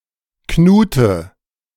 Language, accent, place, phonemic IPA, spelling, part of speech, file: German, Germany, Berlin, /ˈknuːtə/, Knute, noun, De-Knute.ogg
- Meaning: knout